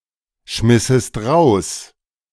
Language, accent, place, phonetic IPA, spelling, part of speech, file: German, Germany, Berlin, [ˌʃmɪsəst ˈʁaʊ̯s], schmissest raus, verb, De-schmissest raus.ogg
- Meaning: second-person singular subjunctive II of rausschmeißen